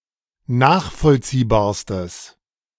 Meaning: strong/mixed nominative/accusative neuter singular superlative degree of nachvollziehbar
- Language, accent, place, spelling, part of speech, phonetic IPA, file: German, Germany, Berlin, nachvollziehbarstes, adjective, [ˈnaːxfɔlt͡siːbaːɐ̯stəs], De-nachvollziehbarstes.ogg